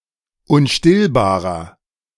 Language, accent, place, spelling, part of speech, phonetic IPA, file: German, Germany, Berlin, unstillbarer, adjective, [ʊnˈʃtɪlbaːʁɐ], De-unstillbarer.ogg
- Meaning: inflection of unstillbar: 1. strong/mixed nominative masculine singular 2. strong genitive/dative feminine singular 3. strong genitive plural